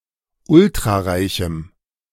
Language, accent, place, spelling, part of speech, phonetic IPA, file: German, Germany, Berlin, ultrareichem, adjective, [ˈʊltʁaˌʁaɪ̯çm̩], De-ultrareichem.ogg
- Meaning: strong dative masculine/neuter singular of ultrareich